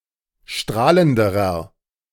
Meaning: inflection of strahlend: 1. strong/mixed nominative masculine singular comparative degree 2. strong genitive/dative feminine singular comparative degree 3. strong genitive plural comparative degree
- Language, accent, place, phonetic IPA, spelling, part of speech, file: German, Germany, Berlin, [ˈʃtʁaːləndəʁɐ], strahlenderer, adjective, De-strahlenderer.ogg